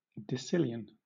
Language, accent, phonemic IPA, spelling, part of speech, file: English, Southern England, /dəˈsɪl.i.ən/, decillion, numeral, LL-Q1860 (eng)-decillion.wav
- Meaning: 1. 10³³ 2. 10⁶⁰